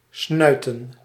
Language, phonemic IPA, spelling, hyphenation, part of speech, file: Dutch, /ˈsnœy̯.tə(n)/, snuiten, snui‧ten, verb / noun, Nl-snuiten.ogg
- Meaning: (verb) 1. to blow one's nose 2. to trim a candle's wick 3. to swindle, cheat out of money; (noun) plural of snuit